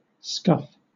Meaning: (verb) 1. To scrape the feet while walking 2. To scrape and roughen the surface of (shoes, etc.) 3. To hit lightly, to brush against 4. To mishit (a shot on a ball) due to poor contact with the ball
- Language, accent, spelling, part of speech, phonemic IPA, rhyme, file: English, Southern England, scuff, verb / noun, /skʌf/, -ʌf, LL-Q1860 (eng)-scuff.wav